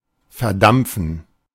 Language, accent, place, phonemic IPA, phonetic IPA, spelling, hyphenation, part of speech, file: German, Germany, Berlin, /fɛʁˈdampfən/, [fɛɐ̯ˈdampfn̩], verdampfen, ver‧damp‧fen, verb, De-verdampfen.ogg
- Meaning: 1. to evaporate 2. to vaporize / vaporise